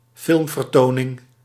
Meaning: film screening (showing or presentation of a movie)
- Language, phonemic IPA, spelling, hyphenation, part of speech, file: Dutch, /ˈfɪlm.vərˌtoː.nɪŋ/, filmvertoning, film‧ver‧to‧ning, noun, Nl-filmvertoning.ogg